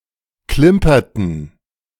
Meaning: inflection of klimpern: 1. first/third-person plural preterite 2. first/third-person plural subjunctive II
- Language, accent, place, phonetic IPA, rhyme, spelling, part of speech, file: German, Germany, Berlin, [ˈklɪmpɐtn̩], -ɪmpɐtn̩, klimperten, verb, De-klimperten.ogg